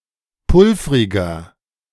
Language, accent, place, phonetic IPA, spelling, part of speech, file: German, Germany, Berlin, [ˈpʊlfʁɪɡɐ], pulvriger, adjective, De-pulvriger.ogg
- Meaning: inflection of pulvrig: 1. strong/mixed nominative masculine singular 2. strong genitive/dative feminine singular 3. strong genitive plural